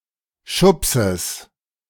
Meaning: genitive of Schubs
- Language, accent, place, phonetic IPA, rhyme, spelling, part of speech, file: German, Germany, Berlin, [ˈʃʊpsəs], -ʊpsəs, Schubses, noun, De-Schubses.ogg